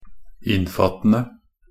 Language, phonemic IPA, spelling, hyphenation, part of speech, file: Norwegian Bokmål, /ˈɪnːfatːən(d)ə/, innfattende, inn‧fatt‧en‧de, verb, Nb-innfattende.ogg
- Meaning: present participle of innfatte